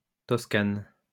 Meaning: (proper noun) Tuscany (an administrative region of Italy, located north of Lazio and south of Emilia-Romagna)
- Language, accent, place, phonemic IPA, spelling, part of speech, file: French, France, Lyon, /tɔs.kan/, Toscane, proper noun / noun, LL-Q150 (fra)-Toscane.wav